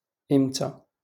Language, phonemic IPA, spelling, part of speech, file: Moroccan Arabic, /ʔim.ta/, امتى, adverb, LL-Q56426 (ary)-امتى.wav
- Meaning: when?